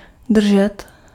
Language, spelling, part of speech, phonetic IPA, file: Czech, držet, verb, [ˈdr̩ʒɛt], Cs-držet.ogg
- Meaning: 1. to hold 2. to hold on, to hold tight 3. to stay, to remain